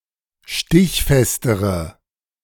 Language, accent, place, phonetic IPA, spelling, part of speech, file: German, Germany, Berlin, [ˈʃtɪçˌfɛstəʁə], stichfestere, adjective, De-stichfestere.ogg
- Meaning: inflection of stichfest: 1. strong/mixed nominative/accusative feminine singular comparative degree 2. strong nominative/accusative plural comparative degree